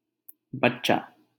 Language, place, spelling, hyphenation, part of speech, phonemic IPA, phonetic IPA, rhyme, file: Hindi, Delhi, बच्चा, बच्चा, noun, /bət̪.t͡ʃɑː/, [bɐt̚.t͡ʃäː], -ət̪t͡ʃɑː, LL-Q1568 (hin)-बच्चा.wav
- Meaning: 1. child 2. young (of an animal)